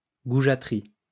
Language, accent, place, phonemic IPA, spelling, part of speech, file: French, France, Lyon, /ɡu.ʒa.tʁi/, goujaterie, noun, LL-Q150 (fra)-goujaterie.wav
- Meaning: boorishness